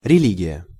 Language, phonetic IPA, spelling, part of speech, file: Russian, [rʲɪˈlʲiɡʲɪjə], религия, noun, Ru-религия.ogg
- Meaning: religion